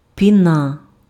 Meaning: 1. foam, froth 2. spume 3. lather
- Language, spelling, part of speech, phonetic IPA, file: Ukrainian, піна, noun, [ˈpʲinɐ], Uk-піна.ogg